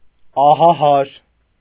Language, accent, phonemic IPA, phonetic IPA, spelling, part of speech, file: Armenian, Eastern Armenian, /ɑhɑˈhɑɾ/, [ɑhɑhɑ́ɾ], ահահար, adjective / adverb, Hy-ահահար.ogg
- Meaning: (adjective) terrified, scared, frightened; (adverb) in a manner of feeling terrified, scared, frightened